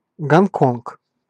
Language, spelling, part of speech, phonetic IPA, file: Russian, Гонконг, proper noun, [ɡɐnˈkonk], Ru-Гонконг.ogg
- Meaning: Hong Kong (a city, island and special administrative region in southeastern China)